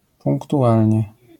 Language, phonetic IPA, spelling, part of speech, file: Polish, [ˌpũŋktuˈʷalʲɲɛ], punktualnie, adverb, LL-Q809 (pol)-punktualnie.wav